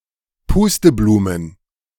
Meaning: plural of Pusteblume
- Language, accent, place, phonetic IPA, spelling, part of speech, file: German, Germany, Berlin, [ˈpuːstəˌbluːmən], Pusteblumen, noun, De-Pusteblumen.ogg